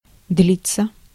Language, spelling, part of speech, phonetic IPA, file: Russian, длиться, verb, [ˈdlʲit͡sːə], Ru-длиться.ogg
- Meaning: 1. to last (of time duration) 2. passive of длить (dlitʹ)